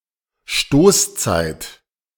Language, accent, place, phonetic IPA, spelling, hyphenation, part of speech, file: German, Germany, Berlin, [ˈʃtoːsˌt͡saɪ̯t], Stoßzeit, Stoß‧zeit, noun, De-Stoßzeit.ogg
- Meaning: rush hour